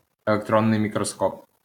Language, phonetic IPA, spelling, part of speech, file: Ukrainian, [eɫekˈtrɔnːei̯ mʲikrɔˈskɔp], електронний мікроскоп, noun, LL-Q8798 (ukr)-електронний мікроскоп.wav
- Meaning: electron microscope